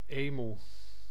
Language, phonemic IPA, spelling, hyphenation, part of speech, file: Dutch, /ˈeː.mu/, emoe, emoe, noun, Nl-emoe.ogg
- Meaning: emu (Dromaius novaehollandiae)